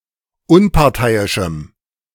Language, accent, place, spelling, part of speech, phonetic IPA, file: German, Germany, Berlin, unparteiischem, adjective, [ˈʊnpaʁˌtaɪ̯ɪʃm̩], De-unparteiischem.ogg
- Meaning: strong dative masculine/neuter singular of unparteiisch